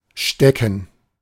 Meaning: 1. causative of stecken when intransitive, to stick; to put; to insert; to pin 2. to stick; to be stuck 3. to be hiding (by location or causally behind something) 4. to inform privily, to intimate
- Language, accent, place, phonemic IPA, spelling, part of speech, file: German, Germany, Berlin, /ˈʃtɛkən/, stecken, verb, De-stecken.ogg